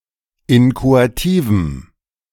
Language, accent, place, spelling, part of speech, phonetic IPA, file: German, Germany, Berlin, inchoativem, adjective, [ˈɪnkoatiːvm̩], De-inchoativem.ogg
- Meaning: strong dative masculine/neuter singular of inchoativ